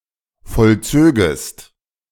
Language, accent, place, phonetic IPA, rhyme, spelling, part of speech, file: German, Germany, Berlin, [fɔlˈt͡søːɡəst], -øːɡəst, vollzögest, verb, De-vollzögest.ogg
- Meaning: second-person singular subjunctive II of vollziehen